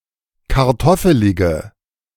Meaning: inflection of kartoffelig: 1. strong/mixed nominative/accusative feminine singular 2. strong nominative/accusative plural 3. weak nominative all-gender singular
- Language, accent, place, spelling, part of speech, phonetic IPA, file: German, Germany, Berlin, kartoffelige, adjective, [kaʁˈtɔfəlɪɡə], De-kartoffelige.ogg